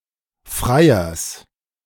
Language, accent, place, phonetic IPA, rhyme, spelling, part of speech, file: German, Germany, Berlin, [ˈfʁaɪ̯ɐs], -aɪ̯ɐs, Freiers, noun, De-Freiers.ogg
- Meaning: genitive singular of Freier